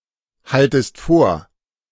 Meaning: second-person singular subjunctive I of vorhalten
- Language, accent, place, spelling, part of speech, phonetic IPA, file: German, Germany, Berlin, haltest vor, verb, [ˌhaltəst ˈfoːɐ̯], De-haltest vor.ogg